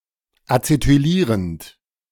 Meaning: present participle of acetylieren
- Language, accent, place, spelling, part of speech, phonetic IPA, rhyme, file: German, Germany, Berlin, acetylierend, verb, [at͡setyˈliːʁənt], -iːʁənt, De-acetylierend.ogg